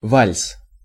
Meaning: waltz
- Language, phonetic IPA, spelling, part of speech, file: Russian, [valʲs], вальс, noun, Ru-вальс.ogg